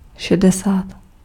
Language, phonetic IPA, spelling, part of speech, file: Czech, [ˈʃɛdɛsaːt], šedesát, numeral, Cs-šedesát.ogg
- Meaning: sixty (60)